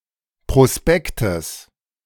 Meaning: genitive singular of Prospekt
- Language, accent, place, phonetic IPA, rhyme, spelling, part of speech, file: German, Germany, Berlin, [pʁoˈspɛktəs], -ɛktəs, Prospektes, noun, De-Prospektes.ogg